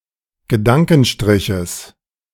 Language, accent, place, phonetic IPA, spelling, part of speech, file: German, Germany, Berlin, [ɡəˈdaŋkn̩ˌʃtʁɪçəs], Gedankenstriches, noun, De-Gedankenstriches.ogg
- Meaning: genitive singular of Gedankenstrich